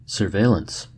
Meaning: 1. Close observation of an individual or group; person or persons under suspicion 2. Continuous monitoring of disease occurrence for example
- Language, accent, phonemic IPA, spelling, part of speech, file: English, US, /sɚˈveɪ.ləns/, surveillance, noun, En-us-surveillance.ogg